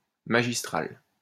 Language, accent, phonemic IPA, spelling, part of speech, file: French, France, /ma.ʒis.tʁal/, magistral, adjective, LL-Q150 (fra)-magistral.wav
- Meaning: 1. magistral, master 2. ex cathedra 3. remarkable, masterful 4. resounding, sound